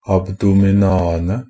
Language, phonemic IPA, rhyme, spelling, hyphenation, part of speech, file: Norwegian Bokmål, /abˈduːmɪnɑːənə/, -ənə, abdominaene, ab‧do‧min‧a‧en‧e, noun, NB - Pronunciation of Norwegian Bokmål «abdominaene».ogg
- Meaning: definite plural of abdomen